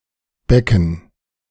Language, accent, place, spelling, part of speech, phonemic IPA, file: German, Germany, Berlin, Becken, noun, /ˈbɛkən/, De-Becken.ogg
- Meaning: 1. basin, wide bowl 2. a swimming pool or other artificial pool 3. a basin, large hollow, enclosed valley 4. pelvis 5. cymbal 6. dative plural of Beck (“beak”)